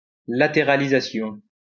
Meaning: lateralization
- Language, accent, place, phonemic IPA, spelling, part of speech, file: French, France, Lyon, /la.te.ʁa.li.za.sjɔ̃/, latéralisation, noun, LL-Q150 (fra)-latéralisation.wav